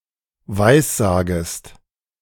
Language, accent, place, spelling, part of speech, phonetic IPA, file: German, Germany, Berlin, weissagest, verb, [ˈvaɪ̯sˌzaːɡəst], De-weissagest.ogg
- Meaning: second-person singular subjunctive I of weissagen